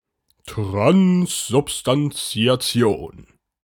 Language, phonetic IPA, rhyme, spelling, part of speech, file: German, [tʁanszʊpstant͡si̯aˈt͡si̯oːn], -oːn, Transsubstantiation, noun, De-Transsubstantiation.ogg
- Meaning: transubstantiation